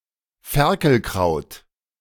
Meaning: cat's ear (Hypochaeris), especially the common cat's-ear (Hypochaeris radicata))
- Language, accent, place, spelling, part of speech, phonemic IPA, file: German, Germany, Berlin, Ferkelkraut, noun, /ˈfɛɐ̯kəlˌkraʊ̯t/, De-Ferkelkraut.ogg